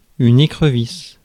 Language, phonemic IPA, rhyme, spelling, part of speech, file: French, /e.kʁə.vis/, -is, écrevisse, noun, Fr-écrevisse.ogg
- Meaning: crayfish, crawfish